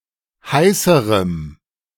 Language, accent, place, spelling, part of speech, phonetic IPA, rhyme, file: German, Germany, Berlin, heißerem, adjective, [ˈhaɪ̯səʁəm], -aɪ̯səʁəm, De-heißerem.ogg
- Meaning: strong dative masculine/neuter singular comparative degree of heiß